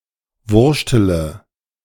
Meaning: inflection of wurschteln: 1. first-person singular present 2. first-person plural subjunctive I 3. third-person singular subjunctive I 4. singular imperative
- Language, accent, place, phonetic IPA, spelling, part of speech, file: German, Germany, Berlin, [ˈvʊʁʃtələ], wurschtele, verb, De-wurschtele.ogg